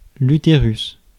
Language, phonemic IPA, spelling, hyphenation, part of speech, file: French, /y.te.ʁys/, utérus, u‧té‧rus, noun, Fr-utérus.ogg
- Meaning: uterus, womb